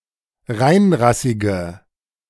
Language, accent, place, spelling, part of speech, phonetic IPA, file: German, Germany, Berlin, reinrassige, adjective, [ˈʁaɪ̯nˌʁasɪɡə], De-reinrassige.ogg
- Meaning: inflection of reinrassig: 1. strong/mixed nominative/accusative feminine singular 2. strong nominative/accusative plural 3. weak nominative all-gender singular